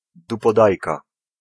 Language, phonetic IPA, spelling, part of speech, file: Polish, [ˌdupɔˈdajka], dupodajka, noun, Pl-dupodajka.ogg